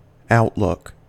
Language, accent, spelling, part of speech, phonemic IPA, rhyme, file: English, US, outlook, noun / verb, /ˈaʊtˌlʊk/, -ʊk, En-us-outlook.ogg
- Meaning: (noun) 1. A place from which something can be viewed 2. The view from such a place 3. An attitude or point of view 4. Expectation for the future; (verb) To face or look in an outward direction